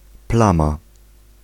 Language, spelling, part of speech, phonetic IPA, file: Polish, plama, noun, [ˈplãma], Pl-plama.ogg